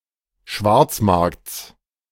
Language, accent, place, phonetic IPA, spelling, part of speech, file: German, Germany, Berlin, [ˈʃvaʁt͡sˌmaʁkt͡s], Schwarzmarkts, noun, De-Schwarzmarkts.ogg
- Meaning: genitive singular of Schwarzmarkt